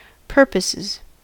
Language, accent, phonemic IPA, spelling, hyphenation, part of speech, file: English, US, /ˈpɝ.pə.sɪz/, purposes, pur‧poses, noun / verb, En-us-purposes.ogg
- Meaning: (noun) plural of purpose; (verb) third-person singular simple present indicative of purpose